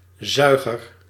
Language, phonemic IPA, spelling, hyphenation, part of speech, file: Dutch, /ˈzœy̯.ɣər/, zuiger, zui‧ger, noun, Nl-zuiger.ogg
- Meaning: 1. sucker, one who sucks (pulls or draws in by means of suction) 2. piston